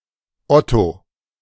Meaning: 1. a male given name, feminine equivalent Oda, Odilia, Ottilie, Uta, and Ute; variant form Udo 2. Otto: a surname originating as a patronymic
- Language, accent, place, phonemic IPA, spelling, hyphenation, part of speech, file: German, Germany, Berlin, /ˈɔto/, Otto, Ot‧to, proper noun, De-Otto.ogg